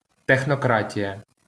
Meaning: technocracy
- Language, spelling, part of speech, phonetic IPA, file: Ukrainian, технократія, noun, [texnɔˈkratʲijɐ], LL-Q8798 (ukr)-технократія.wav